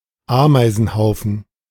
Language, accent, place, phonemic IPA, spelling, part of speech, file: German, Germany, Berlin, /ˈaːmaɪ̯zn̩haʊ̯fn̩/, Ameisenhaufen, noun, De-Ameisenhaufen.ogg
- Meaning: anthill (a home built by ants resembling a small hill)